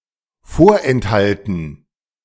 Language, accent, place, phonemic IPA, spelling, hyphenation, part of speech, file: German, Germany, Berlin, /ˈfoːɐ̯ʔɛntˌhaltn̩/, vorenthalten, vor‧ent‧hal‧ten, verb, De-vorenthalten.ogg
- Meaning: 1. to withhold 2. to retain